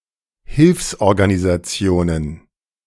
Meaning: plural of Hilfsorganisation
- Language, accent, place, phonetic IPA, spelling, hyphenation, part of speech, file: German, Germany, Berlin, [ˈhɪlfsʔɔʁɡanizaˌt͡si̯oːnən], Hilfsorganisationen, Hilfs‧or‧ga‧ni‧sa‧ti‧o‧nen, noun, De-Hilfsorganisationen.ogg